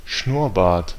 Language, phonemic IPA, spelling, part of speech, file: German, /ˈʃnʊʁˌbaːɐ̯t/, Schnurrbart, noun, De-Schnurrbart.ogg
- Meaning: moustache